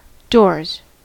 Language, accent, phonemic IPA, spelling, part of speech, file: English, US, /dɔɹz/, doors, noun / verb, En-us-doors.ogg
- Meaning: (noun) 1. plural of door 2. Opening time; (verb) third-person singular simple present indicative of door